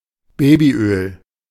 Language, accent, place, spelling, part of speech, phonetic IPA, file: German, Germany, Berlin, Babyöl, noun, [ˈbeːbiˌʔøːl], De-Babyöl.ogg
- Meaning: baby oil